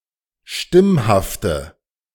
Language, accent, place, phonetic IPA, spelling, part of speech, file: German, Germany, Berlin, [ˈʃtɪmhaftə], stimmhafte, adjective, De-stimmhafte.ogg
- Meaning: inflection of stimmhaft: 1. strong/mixed nominative/accusative feminine singular 2. strong nominative/accusative plural 3. weak nominative all-gender singular